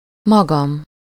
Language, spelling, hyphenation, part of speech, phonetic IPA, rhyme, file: Hungarian, magam, ma‧gam, pronoun, [ˈmɒɡɒm], -ɒm, Hu-magam.ogg
- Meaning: myself